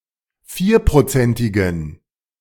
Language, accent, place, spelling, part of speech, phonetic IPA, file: German, Germany, Berlin, vierprozentigen, adjective, [ˈfiːɐ̯pʁoˌt͡sɛntɪɡn̩], De-vierprozentigen.ogg
- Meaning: inflection of vierprozentig: 1. strong genitive masculine/neuter singular 2. weak/mixed genitive/dative all-gender singular 3. strong/weak/mixed accusative masculine singular 4. strong dative plural